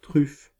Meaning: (noun) 1. truffle (edible fungi) 2. chocolate truffle 3. nose of a dog; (verb) inflection of truffer: 1. first/third-person singular present indicative/subjunctive 2. second-person singular imperative
- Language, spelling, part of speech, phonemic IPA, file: French, truffe, noun / verb, /tʁyf/, Fr-truffe.ogg